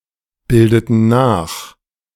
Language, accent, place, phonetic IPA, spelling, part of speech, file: German, Germany, Berlin, [ˌbɪldətn̩ ˈnaːx], bildeten nach, verb, De-bildeten nach.ogg
- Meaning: inflection of nachbilden: 1. first/third-person plural preterite 2. first/third-person plural subjunctive II